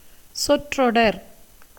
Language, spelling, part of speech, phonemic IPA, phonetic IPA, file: Tamil, சொற்றொடர், noun, /tʃorːoɖɐɾ/, [so̞tro̞ɖɐɾ], Ta-சொற்றொடர்.ogg
- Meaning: 1. phrase, clause 2. sentence